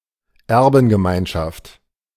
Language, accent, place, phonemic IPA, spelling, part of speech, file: German, Germany, Berlin, /ˈɛʁbn̩ɡəˌmaɪ̯nʃaft/, Erbengemeinschaft, noun, De-Erbengemeinschaft.ogg
- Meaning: community of heirs